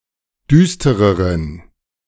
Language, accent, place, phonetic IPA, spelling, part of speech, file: German, Germany, Berlin, [ˈdyːstəʁəʁən], düstereren, adjective, De-düstereren.ogg
- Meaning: inflection of düster: 1. strong genitive masculine/neuter singular comparative degree 2. weak/mixed genitive/dative all-gender singular comparative degree